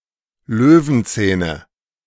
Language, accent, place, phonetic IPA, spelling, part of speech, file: German, Germany, Berlin, [ˈløːvn̩ˌt͡sɛːnə], Löwenzähne, noun, De-Löwenzähne.ogg
- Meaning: nominative/accusative/genitive plural of Löwenzahn